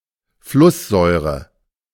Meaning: hydrofluoric acid
- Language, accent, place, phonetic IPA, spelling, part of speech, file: German, Germany, Berlin, [ˈflʊsˌzɔɪ̯ʁə], Flusssäure, noun, De-Flusssäure.ogg